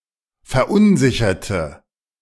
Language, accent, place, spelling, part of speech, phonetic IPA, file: German, Germany, Berlin, verunsicherte, adjective / verb, [fɛɐ̯ˈʔʊnˌzɪçɐtə], De-verunsicherte.ogg
- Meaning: inflection of verunsichern: 1. first/third-person singular preterite 2. first/third-person singular subjunctive II